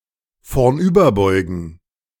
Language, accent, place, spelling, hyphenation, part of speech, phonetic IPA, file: German, Germany, Berlin, vornüberbeugen, vorn‧über‧beu‧gen, verb, [fɔʁnˈʔyːbɐˌbɔɪ̯ɡn̩], De-vornüberbeugen.ogg
- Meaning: to bend over forward